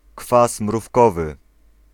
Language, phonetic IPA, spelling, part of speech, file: Polish, [ˈkfas mrufˈkɔvɨ], kwas mrówkowy, noun, Pl-kwas mrówkowy.ogg